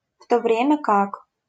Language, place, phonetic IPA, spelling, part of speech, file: Russian, Saint Petersburg, [ˈf‿to ˈvrʲemʲə kak], в то время как, conjunction, LL-Q7737 (rus)-в то время как.wav
- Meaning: while, whereas, when